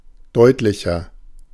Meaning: 1. comparative degree of deutlich 2. inflection of deutlich: strong/mixed nominative masculine singular 3. inflection of deutlich: strong genitive/dative feminine singular
- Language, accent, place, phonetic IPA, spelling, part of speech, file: German, Germany, Berlin, [ˈdɔɪ̯tlɪçɐ], deutlicher, adjective, De-deutlicher.ogg